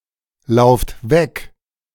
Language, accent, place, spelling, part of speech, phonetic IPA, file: German, Germany, Berlin, lauft weg, verb, [ˌlaʊ̯ft ˈvɛk], De-lauft weg.ogg
- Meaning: inflection of weglaufen: 1. second-person plural present 2. plural imperative